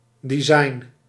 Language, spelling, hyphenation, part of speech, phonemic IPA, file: Dutch, design, de‧sign, noun, /diˈzɑi̯n/, Nl-design.ogg
- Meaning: design